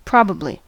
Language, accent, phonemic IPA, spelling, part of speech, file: English, US, /ˈpɹɑ.bə.bli/, probably, adverb, En-us-probably.ogg
- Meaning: In all likelihood